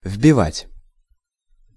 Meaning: to drive in, to hammer in (also figuratively)
- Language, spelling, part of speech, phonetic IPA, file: Russian, вбивать, verb, [v⁽ʲ⁾bʲɪˈvatʲ], Ru-вбивать.ogg